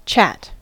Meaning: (verb) 1. To be engaged in informal conversation 2. To talk a while in a friendly manner 3. To talk of; to discuss 4. To chat shit (to speak nonsense, to lie)
- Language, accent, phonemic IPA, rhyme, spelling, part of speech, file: English, General American, /ˈt͡ʃæt/, -æt, chat, verb / noun / interjection, En-us-chat.ogg